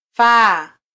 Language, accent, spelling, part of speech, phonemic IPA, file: Swahili, Kenya, faa, verb, /ˈfɑː/, Sw-ke-faa.flac
- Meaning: 1. to fit 2. to be suitable or useful